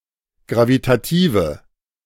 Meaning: inflection of gravitativ: 1. strong/mixed nominative/accusative feminine singular 2. strong nominative/accusative plural 3. weak nominative all-gender singular
- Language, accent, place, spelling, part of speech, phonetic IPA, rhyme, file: German, Germany, Berlin, gravitative, adjective, [ˌɡʁavitaˈtiːvə], -iːvə, De-gravitative.ogg